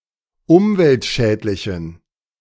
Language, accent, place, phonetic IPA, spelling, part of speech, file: German, Germany, Berlin, [ˈʊmvɛltˌʃɛːtlɪçn̩], umweltschädlichen, adjective, De-umweltschädlichen.ogg
- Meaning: inflection of umweltschädlich: 1. strong genitive masculine/neuter singular 2. weak/mixed genitive/dative all-gender singular 3. strong/weak/mixed accusative masculine singular 4. strong dative plural